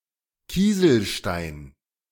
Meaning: pebble (stone)
- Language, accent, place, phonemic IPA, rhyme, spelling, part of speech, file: German, Germany, Berlin, /ˈkiːzl̩ˌʃtaɪ̯n/, -aɪ̯n, Kieselstein, noun, De-Kieselstein.ogg